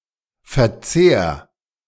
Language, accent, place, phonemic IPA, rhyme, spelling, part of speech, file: German, Germany, Berlin, /fɛɐ̯ˈtseːɐ̯/, -eːɐ̯, Verzehr, noun, De-Verzehr.ogg
- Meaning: consumption